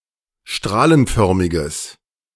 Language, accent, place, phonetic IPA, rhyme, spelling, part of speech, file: German, Germany, Berlin, [ˈʃtʁaːlənˌfœʁmɪɡəs], -aːlənfœʁmɪɡəs, strahlenförmiges, adjective, De-strahlenförmiges.ogg
- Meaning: strong/mixed nominative/accusative neuter singular of strahlenförmig